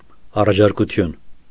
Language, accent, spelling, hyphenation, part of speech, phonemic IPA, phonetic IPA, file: Armenian, Eastern Armenian, առաջարկություն, ա‧ռա‧ջար‧կու‧թյուն, noun, /ɑrɑt͡ʃʰɑɾkuˈtʰjun/, [ɑrɑt͡ʃʰɑɾkut͡sʰjún], Hy-առաջարկություն.ogg
- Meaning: suggestion, proposal